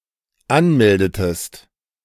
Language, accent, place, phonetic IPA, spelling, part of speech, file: German, Germany, Berlin, [ˈanˌmɛldətəst], anmeldetest, verb, De-anmeldetest.ogg
- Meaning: inflection of anmelden: 1. second-person singular dependent preterite 2. second-person singular dependent subjunctive II